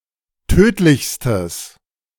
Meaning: strong/mixed nominative/accusative neuter singular superlative degree of tödlich
- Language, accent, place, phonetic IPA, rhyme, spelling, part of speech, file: German, Germany, Berlin, [ˈtøːtlɪçstəs], -øːtlɪçstəs, tödlichstes, adjective, De-tödlichstes.ogg